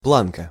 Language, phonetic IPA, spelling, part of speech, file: Russian, [ˈpɫankə], планка, noun, Ru-планка.ogg
- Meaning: 1. plank, slat, lath 2. bar